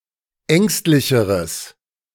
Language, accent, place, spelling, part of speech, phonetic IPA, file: German, Germany, Berlin, ängstlicheres, adjective, [ˈɛŋstlɪçəʁəs], De-ängstlicheres.ogg
- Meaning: strong/mixed nominative/accusative neuter singular comparative degree of ängstlich